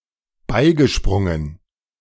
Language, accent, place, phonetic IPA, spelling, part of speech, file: German, Germany, Berlin, [ˈbaɪ̯ɡəˌʃpʁʊŋən], beigesprungen, verb, De-beigesprungen.ogg
- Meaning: past participle of beispringen